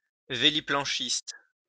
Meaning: windsurfer
- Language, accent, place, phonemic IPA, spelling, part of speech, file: French, France, Lyon, /ve.li.plɑ̃.ʃist/, véliplanchiste, noun, LL-Q150 (fra)-véliplanchiste.wav